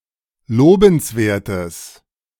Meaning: strong/mixed nominative/accusative neuter singular of lobenswert
- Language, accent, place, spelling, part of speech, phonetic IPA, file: German, Germany, Berlin, lobenswertes, adjective, [ˈloːbn̩sˌveːɐ̯təs], De-lobenswertes.ogg